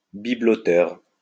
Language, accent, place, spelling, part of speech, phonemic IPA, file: French, France, Lyon, bibeloteur, noun, /bi.blɔ.tœʁ/, LL-Q150 (fra)-bibeloteur.wav
- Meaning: a person who makes/sells/buys/collects knickknacks